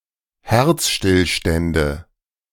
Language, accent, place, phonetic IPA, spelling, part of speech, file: German, Germany, Berlin, [ˈhɛʁt͡sʃtɪlˌʃtɛndə], Herzstillstände, noun, De-Herzstillstände.ogg
- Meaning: nominative/accusative/genitive plural of Herzstillstand